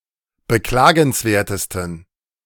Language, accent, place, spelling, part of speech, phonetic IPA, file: German, Germany, Berlin, beklagenswertesten, adjective, [bəˈklaːɡn̩sˌveːɐ̯təstn̩], De-beklagenswertesten.ogg
- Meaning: 1. superlative degree of beklagenswert 2. inflection of beklagenswert: strong genitive masculine/neuter singular superlative degree